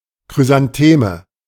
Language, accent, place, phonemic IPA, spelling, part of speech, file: German, Germany, Berlin, /kʁyzanˈteːmə/, Chrysantheme, noun, De-Chrysantheme.ogg
- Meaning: chrysanthemum